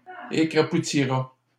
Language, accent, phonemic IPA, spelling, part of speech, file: French, Canada, /e.kʁa.pu.ti.ʁa/, écrapoutira, verb, LL-Q150 (fra)-écrapoutira.wav
- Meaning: third-person singular simple future of écrapoutir